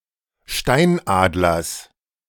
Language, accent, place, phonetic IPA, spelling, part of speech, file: German, Germany, Berlin, [ˈʃtaɪ̯nˌʔaːdlɐs], Steinadlers, noun, De-Steinadlers.ogg
- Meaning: genitive singular of Steinadler